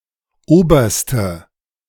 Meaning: inflection of oberer: 1. strong/mixed nominative/accusative feminine singular superlative degree 2. strong nominative/accusative plural superlative degree
- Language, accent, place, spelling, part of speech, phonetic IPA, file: German, Germany, Berlin, oberste, adjective, [ˈoːbɐstə], De-oberste.ogg